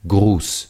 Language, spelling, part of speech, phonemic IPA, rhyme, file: German, Gruß, noun, /ɡʁuːs/, -uːs, De-Gruß.ogg
- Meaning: 1. greeting 2. compliment 3. salute